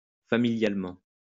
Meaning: familially
- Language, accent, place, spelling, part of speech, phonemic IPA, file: French, France, Lyon, familialement, adverb, /fa.mi.ljal.mɑ̃/, LL-Q150 (fra)-familialement.wav